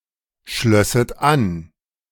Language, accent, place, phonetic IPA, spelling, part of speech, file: German, Germany, Berlin, [ˌʃlœsət ˈan], schlösset an, verb, De-schlösset an.ogg
- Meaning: second-person plural subjunctive II of anschließen